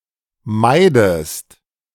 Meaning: inflection of meiden: 1. second-person singular present 2. second-person singular subjunctive I
- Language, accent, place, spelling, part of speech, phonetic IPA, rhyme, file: German, Germany, Berlin, meidest, verb, [ˈmaɪ̯dəst], -aɪ̯dəst, De-meidest.ogg